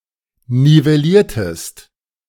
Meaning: inflection of nivellieren: 1. second-person singular preterite 2. second-person singular subjunctive II
- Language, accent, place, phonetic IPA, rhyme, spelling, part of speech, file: German, Germany, Berlin, [nivɛˈliːɐ̯təst], -iːɐ̯təst, nivelliertest, verb, De-nivelliertest.ogg